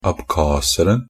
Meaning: definite singular of abkhaser
- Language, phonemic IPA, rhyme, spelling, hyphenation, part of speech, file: Norwegian Bokmål, /abˈkɑːsərn̩/, -ərn̩, abkhaseren, ab‧khas‧er‧en, noun, NB - Pronunciation of Norwegian Bokmål «abkhaseren».ogg